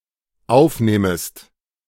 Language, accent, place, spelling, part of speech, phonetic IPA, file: German, Germany, Berlin, aufnähmest, verb, [ˈaʊ̯fˌnɛːməst], De-aufnähmest.ogg
- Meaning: second-person singular dependent subjunctive II of aufnehmen